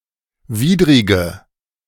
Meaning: inflection of widrig: 1. strong/mixed nominative/accusative feminine singular 2. strong nominative/accusative plural 3. weak nominative all-gender singular 4. weak accusative feminine/neuter singular
- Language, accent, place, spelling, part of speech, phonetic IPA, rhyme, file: German, Germany, Berlin, widrige, adjective, [ˈviːdʁɪɡə], -iːdʁɪɡə, De-widrige.ogg